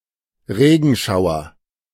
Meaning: downpour
- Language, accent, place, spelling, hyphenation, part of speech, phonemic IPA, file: German, Germany, Berlin, Regenschauer, Re‧gen‧schau‧er, noun, /ˈʁeːɡn̩ˌʃaʊ̯ɐ/, De-Regenschauer.ogg